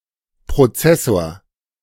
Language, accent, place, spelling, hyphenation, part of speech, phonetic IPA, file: German, Germany, Berlin, Prozessor, Pro‧zes‧sor, noun, [pʁoˈt͡sɛsoːɐ̯], De-Prozessor.ogg
- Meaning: processor, CPU